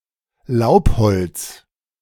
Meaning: hardwood (The wood from any dicotyledonous tree.)
- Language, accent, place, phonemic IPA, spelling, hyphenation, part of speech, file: German, Germany, Berlin, /ˈl̩aʊ̯phɔlt͜s/, Laubholz, Laub‧holz, noun, De-Laubholz.ogg